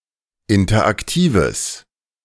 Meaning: strong/mixed nominative/accusative neuter singular of interaktiv
- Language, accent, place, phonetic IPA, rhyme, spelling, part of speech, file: German, Germany, Berlin, [ˌɪntɐʔakˈtiːvəs], -iːvəs, interaktives, adjective, De-interaktives.ogg